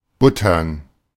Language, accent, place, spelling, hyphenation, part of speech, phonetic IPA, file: German, Germany, Berlin, buttern, but‧tern, verb, [ˈbʊtɐn], De-buttern.ogg
- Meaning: 1. to butter: to spread or add butter 2. to butter: to spread butter on, to add butter to 3. to butter: to spend, invest 4. to churn: to make butter 5. to churn: to churn (milk, cream) into butter